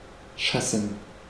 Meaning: to kick out, oust
- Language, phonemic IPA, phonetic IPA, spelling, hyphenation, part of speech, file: German, /ˈʃasən/, [ˈʃasn̩], schassen, schas‧sen, verb, De-schassen.ogg